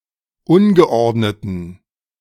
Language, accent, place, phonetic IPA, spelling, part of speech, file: German, Germany, Berlin, [ˈʊnɡəˌʔɔʁdnətn̩], ungeordneten, adjective, De-ungeordneten.ogg
- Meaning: inflection of ungeordnet: 1. strong genitive masculine/neuter singular 2. weak/mixed genitive/dative all-gender singular 3. strong/weak/mixed accusative masculine singular 4. strong dative plural